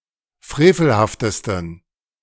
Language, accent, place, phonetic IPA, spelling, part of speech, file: German, Germany, Berlin, [ˈfʁeːfl̩haftəstn̩], frevelhaftesten, adjective, De-frevelhaftesten.ogg
- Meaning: 1. superlative degree of frevelhaft 2. inflection of frevelhaft: strong genitive masculine/neuter singular superlative degree